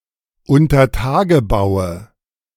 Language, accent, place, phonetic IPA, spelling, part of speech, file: German, Germany, Berlin, [ʊntɐˈtaːɡəˌbaʊ̯ə], Untertagebaue, noun, De-Untertagebaue.ogg
- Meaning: nominative/accusative/genitive plural of Untertagebau